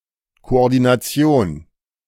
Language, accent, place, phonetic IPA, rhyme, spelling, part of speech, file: German, Germany, Berlin, [koʔɔʁdinaˈt͡si̯oːn], -oːn, Koordination, noun, De-Koordination.ogg
- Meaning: coordination